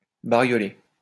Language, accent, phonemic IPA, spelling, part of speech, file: French, France, /ba.ʁjɔ.le/, barioler, verb, LL-Q150 (fra)-barioler.wav
- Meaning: to paint with garish colours